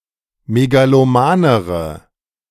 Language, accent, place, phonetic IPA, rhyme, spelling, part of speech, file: German, Germany, Berlin, [meɡaloˈmaːnəʁə], -aːnəʁə, megalomanere, adjective, De-megalomanere.ogg
- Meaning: inflection of megaloman: 1. strong/mixed nominative/accusative feminine singular comparative degree 2. strong nominative/accusative plural comparative degree